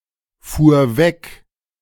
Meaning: first/third-person singular preterite of wegfahren
- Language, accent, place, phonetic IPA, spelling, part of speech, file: German, Germany, Berlin, [ˌfuːɐ̯ ˈvɛk], fuhr weg, verb, De-fuhr weg.ogg